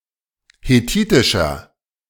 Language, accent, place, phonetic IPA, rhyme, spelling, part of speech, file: German, Germany, Berlin, [heˈtiːtɪʃɐ], -iːtɪʃɐ, hethitischer, adjective, De-hethitischer.ogg
- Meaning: inflection of hethitisch: 1. strong/mixed nominative masculine singular 2. strong genitive/dative feminine singular 3. strong genitive plural